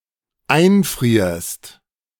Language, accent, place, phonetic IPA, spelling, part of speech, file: German, Germany, Berlin, [ˈaɪ̯nˌfʁiːɐ̯st], einfrierst, verb, De-einfrierst.ogg
- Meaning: second-person singular dependent present of einfrieren